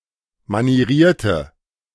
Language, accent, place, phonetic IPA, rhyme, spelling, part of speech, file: German, Germany, Berlin, [maniˈʁiːɐ̯tə], -iːɐ̯tə, manierierte, adjective, De-manierierte.ogg
- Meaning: inflection of manieriert: 1. strong/mixed nominative/accusative feminine singular 2. strong nominative/accusative plural 3. weak nominative all-gender singular